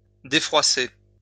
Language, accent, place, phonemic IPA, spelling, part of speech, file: French, France, Lyon, /de.fʁwa.se/, défroisser, verb, LL-Q150 (fra)-défroisser.wav
- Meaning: to iron (clothes)